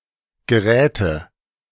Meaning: nominative/accusative/genitive plural of Gerät
- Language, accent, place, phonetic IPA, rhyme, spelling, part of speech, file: German, Germany, Berlin, [ɡəˈʁɛːtə], -ɛːtə, Geräte, noun, De-Geräte.ogg